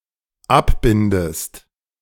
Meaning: inflection of abbinden: 1. second-person singular dependent present 2. second-person singular dependent subjunctive I
- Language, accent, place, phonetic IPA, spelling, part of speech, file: German, Germany, Berlin, [ˈapˌbɪndəst], abbindest, verb, De-abbindest.ogg